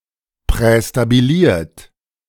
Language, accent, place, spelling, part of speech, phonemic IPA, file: German, Germany, Berlin, prästabiliert, verb / adjective, /ˌpʁɛstabiˈliːɐ̯t/, De-prästabiliert.ogg
- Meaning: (verb) past participle of prästabilieren; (adjective) preestablished